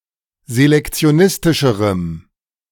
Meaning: strong dative masculine/neuter singular comparative degree of selektionistisch
- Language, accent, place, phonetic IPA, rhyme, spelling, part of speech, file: German, Germany, Berlin, [zelɛkt͡si̯oˈnɪstɪʃəʁəm], -ɪstɪʃəʁəm, selektionistischerem, adjective, De-selektionistischerem.ogg